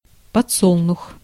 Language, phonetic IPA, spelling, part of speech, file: Russian, [pɐt͡sˈsoɫnʊx], подсолнух, noun, Ru-подсолнух.ogg
- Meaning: sunflower